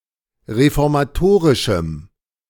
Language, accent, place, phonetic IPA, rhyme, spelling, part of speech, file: German, Germany, Berlin, [ʁefɔʁmaˈtoːʁɪʃm̩], -oːʁɪʃm̩, reformatorischem, adjective, De-reformatorischem.ogg
- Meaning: strong dative masculine/neuter singular of reformatorisch